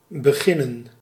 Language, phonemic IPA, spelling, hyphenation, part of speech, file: Dutch, /bəˈɣɪnə(n)/, beginnen, be‧gin‧nen, verb, Nl-beginnen.ogg
- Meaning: to begin